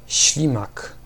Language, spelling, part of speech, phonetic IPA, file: Polish, ślimak, noun, [ˈɕlʲĩmak], Pl-ślimak.ogg